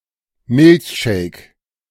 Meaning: milkshake
- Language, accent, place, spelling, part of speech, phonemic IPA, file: German, Germany, Berlin, Milchshake, noun, /ˈmɪlçʃeːk/, De-Milchshake.ogg